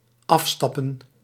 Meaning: 1. to get off (a vehicle or mount), to unmount, to disembark 2. plural of afstap
- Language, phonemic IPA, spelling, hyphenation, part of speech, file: Dutch, /ˈɑfˌstɑ.pə(n)/, afstappen, af‧stap‧pen, verb, Nl-afstappen.ogg